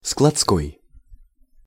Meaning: warehouse
- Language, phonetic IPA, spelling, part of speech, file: Russian, [skɫɐt͡sˈkoj], складской, adjective, Ru-складской.ogg